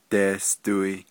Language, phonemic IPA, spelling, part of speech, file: Navajo, /tèːstòɪ̀/, deesdoi, verb, Nv-deesdoi.ogg
- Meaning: it (the weather) is hot